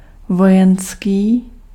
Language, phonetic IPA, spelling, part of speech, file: Czech, [ˈvojɛnskiː], vojenský, adjective, Cs-vojenský.ogg
- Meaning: military